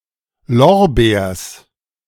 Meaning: genitive singular of Lorbeer
- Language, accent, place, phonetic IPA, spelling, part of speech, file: German, Germany, Berlin, [ˈlɔʁˌbeːɐ̯s], Lorbeers, noun, De-Lorbeers.ogg